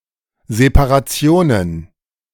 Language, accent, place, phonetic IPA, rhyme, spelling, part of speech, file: German, Germany, Berlin, [zepaʁaˈt͡si̯oːnən], -oːnən, Separationen, noun, De-Separationen.ogg
- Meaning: plural of Separation